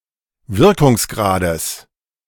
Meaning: genitive singular of Wirkungsgrad
- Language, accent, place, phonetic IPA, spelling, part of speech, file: German, Germany, Berlin, [ˈvɪʁkʊŋsˌɡʁaːdəs], Wirkungsgrades, noun, De-Wirkungsgrades.ogg